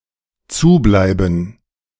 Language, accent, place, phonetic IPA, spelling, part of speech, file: German, Germany, Berlin, [ˈt͡suːˌblaɪ̯bn̩], zubleiben, verb, De-zubleiben.ogg
- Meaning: to stay closed